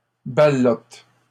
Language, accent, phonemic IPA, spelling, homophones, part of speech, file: French, Canada, /ba.lɔt/, ballotes, ballote / ballotent, verb, LL-Q150 (fra)-ballotes.wav
- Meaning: second-person singular present indicative/subjunctive of balloter